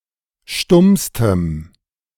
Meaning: strong dative masculine/neuter singular superlative degree of stumm
- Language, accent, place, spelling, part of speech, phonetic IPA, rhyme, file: German, Germany, Berlin, stummstem, adjective, [ˈʃtʊmstəm], -ʊmstəm, De-stummstem.ogg